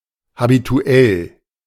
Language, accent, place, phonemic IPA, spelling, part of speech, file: German, Germany, Berlin, /habituˈɛl/, habituell, adjective, De-habituell.ogg
- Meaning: habitual